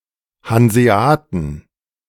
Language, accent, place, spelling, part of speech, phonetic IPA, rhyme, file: German, Germany, Berlin, Hanseaten, noun, [hanzeˈaːtn̩], -aːtn̩, De-Hanseaten.ogg
- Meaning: plural of Hanseat